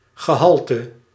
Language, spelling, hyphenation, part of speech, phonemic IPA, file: Dutch, gehalte, ge‧hal‧te, noun, /ɣəˈɦɑl.tə/, Nl-gehalte.ogg
- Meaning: content (numerical, as a fraction of a whole)